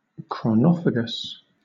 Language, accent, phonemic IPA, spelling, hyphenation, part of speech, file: English, Southern England, /kɹɒˈnɒ.fə.ɡəs/, chronophagous, chro‧no‧phag‧ous, adjective, LL-Q1860 (eng)-chronophagous.wav
- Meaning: Time-consuming